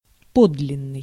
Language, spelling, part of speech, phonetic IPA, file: Russian, подлинный, adjective, [ˈpodlʲɪn(ː)ɨj], Ru-подлинный.ogg
- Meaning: 1. original, authentic, genuine 2. true, real, pure